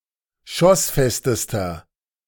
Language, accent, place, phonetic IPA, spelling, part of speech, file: German, Germany, Berlin, [ˈʃɔsˌfɛstəstɐ], schossfestester, adjective, De-schossfestester.ogg
- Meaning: inflection of schossfest: 1. strong/mixed nominative masculine singular superlative degree 2. strong genitive/dative feminine singular superlative degree 3. strong genitive plural superlative degree